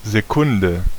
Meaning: 1. A unit of time; a second 2. A unit of angular measurement; a second 3. A second, an interval of 1 (kleine Sekunde, minor second) or 2 (große Sekunde, major second) semitones
- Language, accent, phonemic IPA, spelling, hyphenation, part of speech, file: German, Germany, /zeˈkʊndə/, Sekunde, Se‧kun‧de, noun, De-Sekunde.ogg